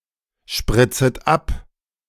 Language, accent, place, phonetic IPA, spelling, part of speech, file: German, Germany, Berlin, [ˌʃpʁɪt͡sət ˈap], spritzet ab, verb, De-spritzet ab.ogg
- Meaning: second-person plural subjunctive I of abspritzen